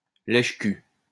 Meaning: ass-licker (US), arse-licker (UK)
- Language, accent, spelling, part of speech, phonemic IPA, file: French, France, lèche-cul, noun, /lɛʃ.ky/, LL-Q150 (fra)-lèche-cul.wav